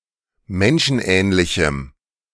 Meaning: strong dative masculine/neuter singular of menschenähnlich
- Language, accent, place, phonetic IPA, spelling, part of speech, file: German, Germany, Berlin, [ˈmɛnʃn̩ˌʔɛːnlɪçm̩], menschenähnlichem, adjective, De-menschenähnlichem.ogg